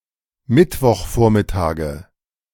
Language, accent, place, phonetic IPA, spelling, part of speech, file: German, Germany, Berlin, [ˌmɪtvɔxˈfoːɐ̯mɪtaːɡə], Mittwochvormittage, noun, De-Mittwochvormittage.ogg
- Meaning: nominative/accusative/genitive plural of Mittwochvormittag